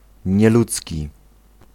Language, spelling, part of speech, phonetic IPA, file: Polish, nieludzki, adjective, [ɲɛˈlut͡sʲci], Pl-nieludzki.ogg